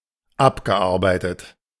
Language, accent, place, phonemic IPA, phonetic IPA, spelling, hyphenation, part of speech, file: German, Germany, Berlin, /ˈabɡəˌaʁbaɪ̯tət/, [ˈʔapɡəˌʔaʁbaɪ̯tət], abgearbeitet, ab‧ge‧ar‧bei‧tet, verb, De-abgearbeitet.ogg
- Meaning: past participle of abarbeiten